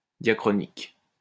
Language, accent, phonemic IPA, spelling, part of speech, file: French, France, /dja.kʁɔ.nik/, diachronique, adjective, LL-Q150 (fra)-diachronique.wav
- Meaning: diachronic